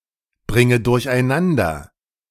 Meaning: inflection of durcheinanderbringen: 1. first-person singular present 2. first/third-person singular subjunctive I 3. singular imperative
- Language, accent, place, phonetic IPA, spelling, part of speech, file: German, Germany, Berlin, [ˌbʁɪŋə dʊʁçʔaɪ̯ˈnandɐ], bringe durcheinander, verb, De-bringe durcheinander.ogg